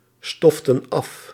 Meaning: inflection of afstoffen: 1. plural past indicative 2. plural past subjunctive
- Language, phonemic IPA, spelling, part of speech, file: Dutch, /ˈstɔftə(n) ˈɑf/, stoften af, verb, Nl-stoften af.ogg